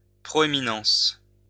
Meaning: prominence
- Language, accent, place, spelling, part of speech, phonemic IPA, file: French, France, Lyon, proéminence, noun, /pʁɔ.e.mi.nɑ̃s/, LL-Q150 (fra)-proéminence.wav